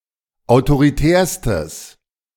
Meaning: strong/mixed nominative/accusative neuter singular superlative degree of autoritär
- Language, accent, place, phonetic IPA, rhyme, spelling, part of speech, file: German, Germany, Berlin, [aʊ̯toʁiˈtɛːɐ̯stəs], -ɛːɐ̯stəs, autoritärstes, adjective, De-autoritärstes.ogg